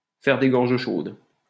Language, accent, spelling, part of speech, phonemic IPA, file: French, France, faire des gorges chaudes, verb, /fɛʁ de ɡɔʁ.ʒ(ə) ʃod/, LL-Q150 (fra)-faire des gorges chaudes.wav
- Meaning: to make fun of, to laugh at, to poke fun at, to have a good laugh at